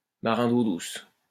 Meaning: landlubber, freshwater seaman
- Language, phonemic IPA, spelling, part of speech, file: French, /ma.ʁɛ̃ d‿o dus/, marin d'eau douce, noun, LL-Q150 (fra)-marin d'eau douce.wav